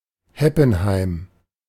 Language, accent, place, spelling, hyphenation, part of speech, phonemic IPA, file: German, Germany, Berlin, Heppenheim, Hep‧pen‧heim, proper noun, /ˈhɛpn̩ˌhaɪ̯m/, De-Heppenheim.ogg
- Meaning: a town, the administrative seat of Bergstraße district, Hesse, Germany